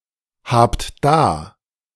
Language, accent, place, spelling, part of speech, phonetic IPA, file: German, Germany, Berlin, habt da, verb, [ˌhaːpt ˈdaː], De-habt da.ogg
- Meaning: second-person plural present of dahaben